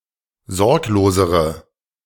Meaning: inflection of sorglos: 1. strong/mixed nominative/accusative feminine singular comparative degree 2. strong nominative/accusative plural comparative degree
- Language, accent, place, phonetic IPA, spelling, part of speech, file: German, Germany, Berlin, [ˈzɔʁkloːzəʁə], sorglosere, adjective, De-sorglosere.ogg